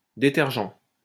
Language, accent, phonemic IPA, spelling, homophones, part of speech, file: French, France, /de.tɛʁ.ʒɑ̃/, détergent, détergeant / détergents, adjective / noun, LL-Q150 (fra)-détergent.wav
- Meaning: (adjective) detergent